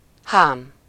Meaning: 1. harness 2. epithelium
- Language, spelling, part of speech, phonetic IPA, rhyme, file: Hungarian, hám, noun, [ˈhaːm], -aːm, Hu-hám.ogg